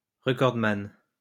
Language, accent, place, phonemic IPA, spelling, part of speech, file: French, France, Lyon, /ʁə.kɔʁd.man/, recordman, noun, LL-Q150 (fra)-recordman.wav
- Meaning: recordholder, usually a world record holder